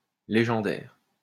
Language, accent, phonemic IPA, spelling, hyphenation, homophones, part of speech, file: French, France, /le.ʒɑ̃.dɛʁ/, légendaire, lé‧gen‧daire, légendaires, adjective, LL-Q150 (fra)-légendaire.wav
- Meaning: legendary